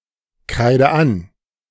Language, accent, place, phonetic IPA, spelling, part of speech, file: German, Germany, Berlin, [ˌkʁaɪ̯də ˈan], kreide an, verb, De-kreide an.ogg
- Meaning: inflection of ankreiden: 1. first-person singular present 2. first/third-person singular subjunctive I 3. singular imperative